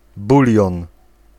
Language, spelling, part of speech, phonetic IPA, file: Polish, bulion, noun, [ˈbulʲjɔ̃n], Pl-bulion.ogg